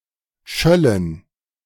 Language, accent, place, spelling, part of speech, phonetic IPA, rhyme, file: German, Germany, Berlin, schöllen, verb, [ˈʃœlən], -œlən, De-schöllen.ogg
- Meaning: first-person plural subjunctive II of schallen